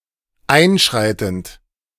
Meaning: present participle of einschreiten
- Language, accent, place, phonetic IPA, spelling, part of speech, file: German, Germany, Berlin, [ˈaɪ̯nˌʃʁaɪ̯tn̩t], einschreitend, verb, De-einschreitend.ogg